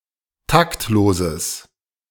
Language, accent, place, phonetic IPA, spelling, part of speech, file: German, Germany, Berlin, [ˈtaktˌloːzəs], taktloses, adjective, De-taktloses.ogg
- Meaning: strong/mixed nominative/accusative neuter singular of taktlos